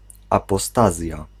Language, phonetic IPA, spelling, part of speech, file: Polish, [ˌapɔˈstazʲja], apostazja, noun, Pl-apostazja.ogg